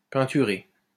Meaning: past participle of peinturer
- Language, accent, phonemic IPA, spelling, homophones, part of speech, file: French, France, /pɛ̃.ty.ʁe/, peinturé, peinturai / peinturée / peinturées / peinturer / peinturés / peinturez, verb, LL-Q150 (fra)-peinturé.wav